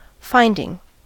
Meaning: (noun) 1. A result of research or an investigation 2. A formal conclusion by a judge, jury or regulatory agency on issues of fact 3. That which is found, a find, a discovery
- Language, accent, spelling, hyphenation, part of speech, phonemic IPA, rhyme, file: English, US, finding, find‧ing, noun / verb, /ˈfaɪndɪŋ/, -aɪndɪŋ, En-us-finding.ogg